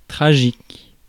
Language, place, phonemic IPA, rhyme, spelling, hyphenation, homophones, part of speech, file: French, Paris, /tʁa.ʒik/, -ik, tragique, tra‧gique, tragiques, adjective, Fr-tragique.ogg
- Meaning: tragic